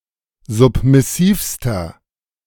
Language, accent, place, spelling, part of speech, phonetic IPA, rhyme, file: German, Germany, Berlin, submissivster, adjective, [ˌzʊpmɪˈsiːfstɐ], -iːfstɐ, De-submissivster.ogg
- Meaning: inflection of submissiv: 1. strong/mixed nominative masculine singular superlative degree 2. strong genitive/dative feminine singular superlative degree 3. strong genitive plural superlative degree